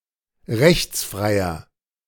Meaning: inflection of rechtsfrei: 1. strong/mixed nominative masculine singular 2. strong genitive/dative feminine singular 3. strong genitive plural
- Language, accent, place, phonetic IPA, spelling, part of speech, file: German, Germany, Berlin, [ˈʁɛçt͡sˌfʁaɪ̯ɐ], rechtsfreier, adjective, De-rechtsfreier.ogg